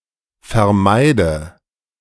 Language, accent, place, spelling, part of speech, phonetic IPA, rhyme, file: German, Germany, Berlin, vermeide, verb, [fɛɐ̯ˈmaɪ̯də], -aɪ̯də, De-vermeide.ogg
- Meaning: inflection of vermeiden: 1. first-person singular present 2. first/third-person singular subjunctive I 3. singular imperative